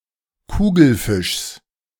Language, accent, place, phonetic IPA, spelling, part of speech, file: German, Germany, Berlin, [ˈkuːɡl̩ˌfɪʃs], Kugelfischs, noun, De-Kugelfischs.ogg
- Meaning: genitive singular of Kugelfisch